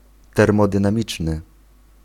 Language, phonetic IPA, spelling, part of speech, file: Polish, [ˌtɛrmɔdɨ̃nãˈmʲit͡ʃnɨ], termodynamiczny, adjective, Pl-termodynamiczny.ogg